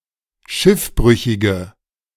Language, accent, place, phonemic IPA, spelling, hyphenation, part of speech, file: German, Germany, Berlin, /ˈʃɪfˌbʁʏçɪɡə/, Schiffbrüchige, Schiff‧brü‧chi‧ge, noun, De-Schiffbrüchige.ogg
- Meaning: 1. female equivalent of Schiffbrüchiger: female castaway 2. inflection of Schiffbrüchiger: strong nominative/accusative plural 3. inflection of Schiffbrüchiger: weak nominative singular